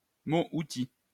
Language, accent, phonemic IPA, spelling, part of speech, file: French, France, /mo.u.ti/, mot-outil, noun, LL-Q150 (fra)-mot-outil.wav
- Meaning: function word